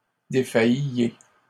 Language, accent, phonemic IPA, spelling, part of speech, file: French, Canada, /de.faj.je/, défailliez, verb, LL-Q150 (fra)-défailliez.wav
- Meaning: inflection of défaillir: 1. second-person plural imperfect indicative 2. second-person plural present subjunctive